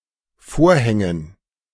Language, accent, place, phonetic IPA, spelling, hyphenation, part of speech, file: German, Germany, Berlin, [ˈfoːɐ̯ˌhɛŋən], Vorhängen, Vor‧hän‧gen, noun, De-Vorhängen.ogg
- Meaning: 1. gerund of vorhängen 2. dative plural of Vorhang